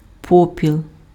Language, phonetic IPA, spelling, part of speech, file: Ukrainian, [ˈpɔpʲiɫ], попіл, noun, Uk-попіл.ogg
- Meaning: ash